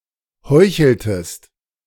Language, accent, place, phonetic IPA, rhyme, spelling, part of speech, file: German, Germany, Berlin, [ˈhɔɪ̯çl̩təst], -ɔɪ̯çl̩təst, heucheltest, verb, De-heucheltest.ogg
- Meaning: inflection of heucheln: 1. second-person singular preterite 2. second-person singular subjunctive II